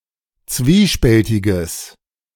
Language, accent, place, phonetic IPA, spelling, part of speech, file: German, Germany, Berlin, [ˈt͡sviːˌʃpɛltɪɡəs], zwiespältiges, adjective, De-zwiespältiges.ogg
- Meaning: strong/mixed nominative/accusative neuter singular of zwiespältig